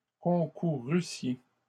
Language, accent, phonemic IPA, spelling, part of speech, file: French, Canada, /kɔ̃.ku.ʁy.sje/, concourussiez, verb, LL-Q150 (fra)-concourussiez.wav
- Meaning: second-person plural imperfect subjunctive of concourir